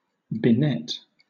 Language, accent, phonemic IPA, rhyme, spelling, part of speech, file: English, Southern England, /bɪˈnɛt/, -ɛt, benet, verb, LL-Q1860 (eng)-benet.wav
- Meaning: 1. To catch in a net; ensnare 2. To surround as by a net